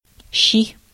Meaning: 1. shchi 2. face, mug
- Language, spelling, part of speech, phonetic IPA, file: Russian, щи, noun, [ɕːi], Ru-щи.ogg